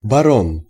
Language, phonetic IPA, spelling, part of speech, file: Russian, [bɐˈron], барон, noun, Ru-барон.ogg
- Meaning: baron (title of nobility)